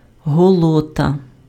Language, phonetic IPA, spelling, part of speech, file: Ukrainian, [ɦɔˈɫɔtɐ], голота, noun, Uk-голота.ogg
- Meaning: the poor